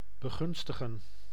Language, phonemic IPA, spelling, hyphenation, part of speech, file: Dutch, /bəˈɣʏnstəɣə(n)/, begunstigen, be‧gun‧sti‧gen, verb, Nl-begunstigen.ogg
- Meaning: to favour, to benefice